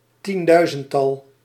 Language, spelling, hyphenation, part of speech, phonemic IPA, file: Dutch, tienduizendtal, tien‧dui‧zend‧tal, noun, /tinˈdœy̯.zənˌtɑl/, Nl-tienduizendtal.ogg
- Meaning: a ten thousand, a multiple of ten thousand